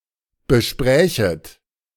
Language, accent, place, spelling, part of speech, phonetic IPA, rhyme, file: German, Germany, Berlin, besprächet, verb, [bəˈʃpʁɛːçət], -ɛːçət, De-besprächet.ogg
- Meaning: second-person plural subjunctive II of besprechen